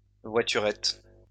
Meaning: 1. small car 2. toy car 3. voiturette
- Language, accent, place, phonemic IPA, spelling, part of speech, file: French, France, Lyon, /vwa.ty.ʁɛt/, voiturette, noun, LL-Q150 (fra)-voiturette.wav